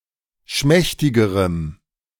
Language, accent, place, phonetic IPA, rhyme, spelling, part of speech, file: German, Germany, Berlin, [ˈʃmɛçtɪɡəʁəm], -ɛçtɪɡəʁəm, schmächtigerem, adjective, De-schmächtigerem.ogg
- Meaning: strong dative masculine/neuter singular comparative degree of schmächtig